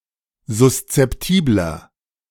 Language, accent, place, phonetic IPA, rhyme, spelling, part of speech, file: German, Germany, Berlin, [zʊst͡sɛpˈtiːblɐ], -iːblɐ, suszeptibler, adjective, De-suszeptibler.ogg
- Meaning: 1. comparative degree of suszeptibel 2. inflection of suszeptibel: strong/mixed nominative masculine singular 3. inflection of suszeptibel: strong genitive/dative feminine singular